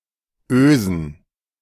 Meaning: plural of Öse
- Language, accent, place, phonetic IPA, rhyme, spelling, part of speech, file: German, Germany, Berlin, [ˈøːzn̩], -øːzn̩, Ösen, noun, De-Ösen.ogg